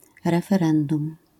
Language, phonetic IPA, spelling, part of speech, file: Polish, [ˌrɛfɛˈrɛ̃ndũm], referendum, noun, LL-Q809 (pol)-referendum.wav